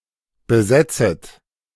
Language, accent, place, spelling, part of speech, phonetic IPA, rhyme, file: German, Germany, Berlin, besetzet, verb, [bəˈzɛt͡sət], -ɛt͡sət, De-besetzet.ogg
- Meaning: second-person plural subjunctive I of besetzen